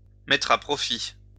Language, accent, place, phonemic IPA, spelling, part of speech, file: French, France, Lyon, /mɛ.tʁ‿a pʁɔ.fi/, mettre à profit, verb, LL-Q150 (fra)-mettre à profit.wav
- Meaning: to put to use, to take advantage of, to make the most out of